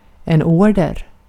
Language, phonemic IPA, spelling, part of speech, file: Swedish, /ˈɔrdɛr/, order, noun, Sv-order.ogg
- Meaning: 1. an order (command) 2. an order (request for some product or service – often of a larger or more involved order)